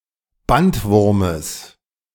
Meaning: genitive singular of Bandwurm
- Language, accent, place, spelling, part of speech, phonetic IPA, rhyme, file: German, Germany, Berlin, Bandwurmes, noun, [ˈbantˌvʊʁməs], -antvʊʁməs, De-Bandwurmes.ogg